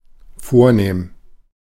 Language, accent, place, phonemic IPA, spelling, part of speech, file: German, Germany, Berlin, /ˈfoːɐ̯ˌneːm/, vornehm, adjective, De-vornehm.ogg
- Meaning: 1. elegant; posh; high-class; distinguished 2. aristocratic; noble; stately (of the aristocracy; befitting aristocracy)